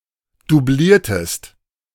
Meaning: inflection of dublieren: 1. second-person singular preterite 2. second-person singular subjunctive II
- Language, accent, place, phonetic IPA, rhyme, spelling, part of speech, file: German, Germany, Berlin, [duˈbliːɐ̯təst], -iːɐ̯təst, dubliertest, verb, De-dubliertest.ogg